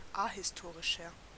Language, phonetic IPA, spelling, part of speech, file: German, [ˈahɪsˌtoːʁɪʃɐ], ahistorischer, adjective, De-ahistorischer.ogg
- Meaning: 1. comparative degree of ahistorisch 2. inflection of ahistorisch: strong/mixed nominative masculine singular 3. inflection of ahistorisch: strong genitive/dative feminine singular